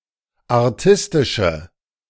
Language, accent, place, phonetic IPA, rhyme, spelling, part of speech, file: German, Germany, Berlin, [aʁˈtɪstɪʃə], -ɪstɪʃə, artistische, adjective, De-artistische.ogg
- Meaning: inflection of artistisch: 1. strong/mixed nominative/accusative feminine singular 2. strong nominative/accusative plural 3. weak nominative all-gender singular